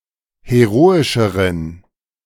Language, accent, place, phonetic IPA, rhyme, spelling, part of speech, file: German, Germany, Berlin, [heˈʁoːɪʃəʁən], -oːɪʃəʁən, heroischeren, adjective, De-heroischeren.ogg
- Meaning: inflection of heroisch: 1. strong genitive masculine/neuter singular comparative degree 2. weak/mixed genitive/dative all-gender singular comparative degree